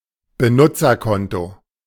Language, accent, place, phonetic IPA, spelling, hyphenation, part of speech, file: German, Germany, Berlin, [bəˈnʊt͡sɐˌkɔnto], Benutzerkonto, Be‧nut‧zer‧kon‧to, noun, De-Benutzerkonto.ogg
- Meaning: user account